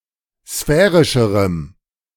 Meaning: strong dative masculine/neuter singular comparative degree of sphärisch
- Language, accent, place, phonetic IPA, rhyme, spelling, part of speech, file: German, Germany, Berlin, [ˈsfɛːʁɪʃəʁəm], -ɛːʁɪʃəʁəm, sphärischerem, adjective, De-sphärischerem.ogg